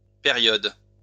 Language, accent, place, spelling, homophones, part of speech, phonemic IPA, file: French, France, Lyon, périodes, période, noun, /pe.ʁjɔd/, LL-Q150 (fra)-périodes.wav
- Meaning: plural of période